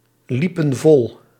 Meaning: inflection of vollopen: 1. plural past indicative 2. plural past subjunctive
- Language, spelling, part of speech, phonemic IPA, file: Dutch, liepen vol, verb, /ˈlipə(n) ˈvɔl/, Nl-liepen vol.ogg